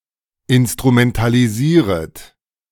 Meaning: second-person plural subjunctive I of instrumentalisieren
- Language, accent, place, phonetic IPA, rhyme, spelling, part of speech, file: German, Germany, Berlin, [ɪnstʁumɛntaliˈziːʁət], -iːʁət, instrumentalisieret, verb, De-instrumentalisieret.ogg